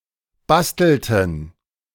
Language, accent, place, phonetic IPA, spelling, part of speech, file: German, Germany, Berlin, [ˈbastl̩tn̩], bastelten, verb, De-bastelten.ogg
- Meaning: inflection of basteln: 1. first/third-person plural preterite 2. first/third-person plural subjunctive II